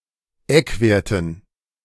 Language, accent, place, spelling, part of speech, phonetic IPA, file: German, Germany, Berlin, Eckwerten, noun, [ˈɛkˌveːɐ̯tn̩], De-Eckwerten.ogg
- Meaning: dative plural of Eckwert